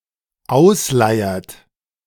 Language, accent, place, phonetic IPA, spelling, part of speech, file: German, Germany, Berlin, [ˈaʊ̯sˌlaɪ̯ɐt], ausleiert, verb, De-ausleiert.ogg
- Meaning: inflection of ausleiern: 1. third-person singular dependent present 2. second-person plural dependent present